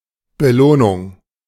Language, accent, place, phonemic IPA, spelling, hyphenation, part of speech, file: German, Germany, Berlin, /bəˈloːnʊŋ/, Belohnung, Be‧loh‧nung, noun, De-Belohnung.ogg
- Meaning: reward, bounty